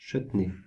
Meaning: chutney (condiment)
- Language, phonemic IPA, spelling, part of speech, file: French, /(t)ʃœt.ni/, chutney, noun, Fr-chutney.ogg